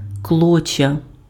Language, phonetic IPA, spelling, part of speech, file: Ukrainian, [ˈkɫɔt͡ʃʲːɐ], клоччя, noun, Uk-клоччя.ogg
- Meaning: tow